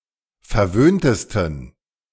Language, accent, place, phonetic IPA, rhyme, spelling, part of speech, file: German, Germany, Berlin, [fɛɐ̯ˈvøːntəstn̩], -øːntəstn̩, verwöhntesten, adjective, De-verwöhntesten.ogg
- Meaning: 1. superlative degree of verwöhnt 2. inflection of verwöhnt: strong genitive masculine/neuter singular superlative degree